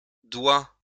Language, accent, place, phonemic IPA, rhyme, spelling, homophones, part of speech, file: French, France, Lyon, /dwa/, -a, dois, doigt / doigts / doua / douas, verb, LL-Q150 (fra)-dois.wav
- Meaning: first/second-person singular present indicative of devoir